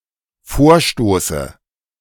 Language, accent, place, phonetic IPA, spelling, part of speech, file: German, Germany, Berlin, [ˈfoːɐ̯ˌʃtoːsə], Vorstoße, noun, De-Vorstoße.ogg
- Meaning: dative of Vorstoß